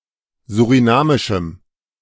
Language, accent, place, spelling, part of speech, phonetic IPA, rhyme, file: German, Germany, Berlin, surinamischem, adjective, [zuʁiˈnaːmɪʃm̩], -aːmɪʃm̩, De-surinamischem.ogg
- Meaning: strong dative masculine/neuter singular of surinamisch